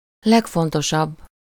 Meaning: superlative degree of fontos
- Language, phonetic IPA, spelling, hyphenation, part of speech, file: Hungarian, [ˈlɛkfontoʃɒbː], legfontosabb, leg‧fon‧to‧sabb, adjective, Hu-legfontosabb.ogg